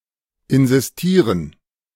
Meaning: to insist
- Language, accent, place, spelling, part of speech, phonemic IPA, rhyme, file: German, Germany, Berlin, insistieren, verb, /ɪnzisˈtiːʁən/, -iːʁən, De-insistieren.ogg